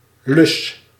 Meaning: loop
- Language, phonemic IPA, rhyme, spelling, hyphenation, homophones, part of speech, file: Dutch, /lʏs/, -ʏs, lus, lus, löss, noun, Nl-lus.ogg